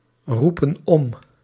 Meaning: inflection of omroepen: 1. plural present indicative 2. plural present subjunctive
- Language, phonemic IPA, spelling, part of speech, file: Dutch, /ˈrupə(n) ˈɔm/, roepen om, verb, Nl-roepen om.ogg